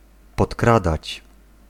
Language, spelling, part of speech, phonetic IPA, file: Polish, podkradać, verb, [pɔtˈkradat͡ɕ], Pl-podkradać.ogg